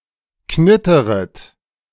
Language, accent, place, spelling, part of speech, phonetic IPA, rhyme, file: German, Germany, Berlin, knitteret, verb, [ˈknɪtəʁət], -ɪtəʁət, De-knitteret.ogg
- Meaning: second-person plural subjunctive I of knittern